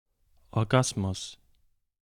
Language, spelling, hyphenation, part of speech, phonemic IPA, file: German, Orgasmus, Or‧gas‧mus, noun, /ɔʁˈɡasmʊs/, De-Orgasmus.ogg
- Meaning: orgasm